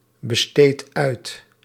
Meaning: inflection of uitbesteden: 1. second/third-person singular present indicative 2. plural imperative
- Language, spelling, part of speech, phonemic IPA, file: Dutch, besteedt uit, verb, /bəˈstet ˈœyt/, Nl-besteedt uit.ogg